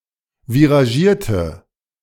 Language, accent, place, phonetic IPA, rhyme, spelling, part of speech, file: German, Germany, Berlin, [viʁaˈʒiːɐ̯tə], -iːɐ̯tə, viragierte, adjective, De-viragierte.ogg
- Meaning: inflection of viragiert: 1. strong/mixed nominative/accusative feminine singular 2. strong nominative/accusative plural 3. weak nominative all-gender singular